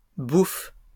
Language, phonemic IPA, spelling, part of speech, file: French, /buf/, bouffes, noun / verb, LL-Q150 (fra)-bouffes.wav
- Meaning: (noun) plural of bouffe; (verb) second-person singular present indicative/subjunctive of bouffer